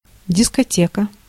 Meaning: 1. record library 2. event where records are played 3. youth evening with music and dance
- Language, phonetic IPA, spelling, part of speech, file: Russian, [dʲɪskɐˈtʲekə], дискотека, noun, Ru-дискотека.ogg